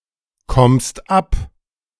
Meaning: second-person singular present of abkommen
- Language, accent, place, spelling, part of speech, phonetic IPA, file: German, Germany, Berlin, kommst ab, verb, [ˌkɔmst ˈap], De-kommst ab.ogg